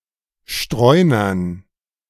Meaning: dative plural of Streuner
- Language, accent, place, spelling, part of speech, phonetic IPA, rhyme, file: German, Germany, Berlin, Streunern, noun, [ˈʃtʁɔɪ̯nɐn], -ɔɪ̯nɐn, De-Streunern.ogg